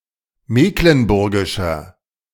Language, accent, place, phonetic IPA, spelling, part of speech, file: German, Germany, Berlin, [ˈmeːklənˌbʊʁɡɪʃɐ], mecklenburgischer, adjective, De-mecklenburgischer.ogg
- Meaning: inflection of mecklenburgisch: 1. strong/mixed nominative masculine singular 2. strong genitive/dative feminine singular 3. strong genitive plural